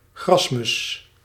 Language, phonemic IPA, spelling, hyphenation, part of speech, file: Dutch, /ˈɣrɑs.mʏs/, grasmus, gras‧mus, noun, Nl-grasmus.ogg
- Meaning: common whitethroat (Sylvia communis)